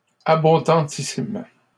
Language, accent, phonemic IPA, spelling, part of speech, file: French, Canada, /a.bɔ̃.dɑ̃.ti.sim/, abondantissime, adjective, LL-Q150 (fra)-abondantissime.wav
- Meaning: superlative degree of abondant: Very or most abundant